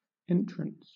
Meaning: 1. The action of entering, or going in 2. The act of taking possession, as of property, or of office 3. The place of entering, as a gate or doorway 4. The right to go in
- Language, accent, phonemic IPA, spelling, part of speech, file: English, Southern England, /ˈɛn.tɹəns/, entrance, noun, LL-Q1860 (eng)-entrance.wav